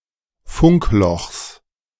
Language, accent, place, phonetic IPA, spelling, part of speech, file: German, Germany, Berlin, [ˈfʊŋkˌlɔxs], Funklochs, noun, De-Funklochs.ogg
- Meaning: genitive of Funkloch